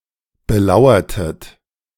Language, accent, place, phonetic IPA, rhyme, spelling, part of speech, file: German, Germany, Berlin, [bəˈlaʊ̯ɐtət], -aʊ̯ɐtət, belauertet, verb, De-belauertet.ogg
- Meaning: inflection of belauern: 1. second-person plural preterite 2. second-person plural subjunctive II